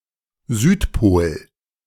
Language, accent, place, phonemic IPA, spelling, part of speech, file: German, Germany, Berlin, /ˈzyːtˌpoːl/, Südpol, noun, De-Südpol.ogg
- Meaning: South Pole; south pole